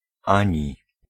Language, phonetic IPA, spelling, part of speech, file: Polish, [ˈãɲi], ani, conjunction / particle, Pl-ani.ogg